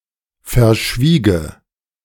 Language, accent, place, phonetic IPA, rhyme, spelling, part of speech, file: German, Germany, Berlin, [fɛɐ̯ˈʃviːɡə], -iːɡə, verschwiege, verb, De-verschwiege.ogg
- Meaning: first/third-person singular subjunctive II of verschweigen